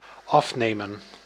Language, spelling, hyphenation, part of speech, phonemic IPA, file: Dutch, afnemen, af‧ne‧men, verb, /ˈɑfneːmə(n)/, Nl-afnemen.ogg
- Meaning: 1. to decrease 2. to take off, to remove 3. to take, to draw 4. to have (someone) undergo